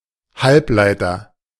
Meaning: semiconductor
- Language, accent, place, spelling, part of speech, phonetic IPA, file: German, Germany, Berlin, Halbleiter, noun, [ˈhalpˌlaɪ̯tɐ], De-Halbleiter.ogg